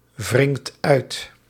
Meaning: inflection of uitwringen: 1. second/third-person singular present indicative 2. plural imperative
- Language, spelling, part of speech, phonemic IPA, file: Dutch, wringt uit, verb, /ˈvrɪŋt ˈœyt/, Nl-wringt uit.ogg